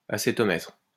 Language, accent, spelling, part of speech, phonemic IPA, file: French, France, acétomètre, noun, /a.se.tɔ.mɛtʁ/, LL-Q150 (fra)-acétomètre.wav
- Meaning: acetometer